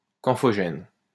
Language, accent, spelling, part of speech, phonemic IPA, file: French, France, camphogène, noun, /kɑ̃.fɔ.ʒɛn/, LL-Q150 (fra)-camphogène.wav
- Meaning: camphogen